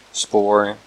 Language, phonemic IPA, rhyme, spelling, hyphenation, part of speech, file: Dutch, /spoːr/, -oːr, spoor, spoor, noun, Nl-spoor.ogg
- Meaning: 1. track 2. railway track 3. trace 4. spoor 5. lead, trail, clue 6. spur (multiple senses) 7. spore